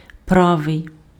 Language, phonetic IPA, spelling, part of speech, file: Ukrainian, [ˈpraʋei̯], правий, adjective, Uk-правий.ogg
- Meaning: right